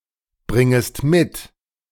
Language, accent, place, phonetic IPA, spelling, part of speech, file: German, Germany, Berlin, [ˌbʁɪŋəst ˈmɪt], bringest mit, verb, De-bringest mit.ogg
- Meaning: second-person singular subjunctive I of mitbringen